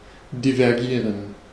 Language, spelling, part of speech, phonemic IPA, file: German, divergieren, verb, /divɛʁˈɡiːʁən/, De-divergieren.ogg
- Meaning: 1. to diverge (to run apart) 2. to diverge